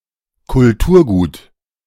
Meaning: cultural property, cultural heritage
- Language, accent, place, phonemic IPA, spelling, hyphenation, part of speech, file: German, Germany, Berlin, /kʊlˈtuːɐ̯ˌɡuːt/, Kulturgut, Kul‧tur‧gut, noun, De-Kulturgut.ogg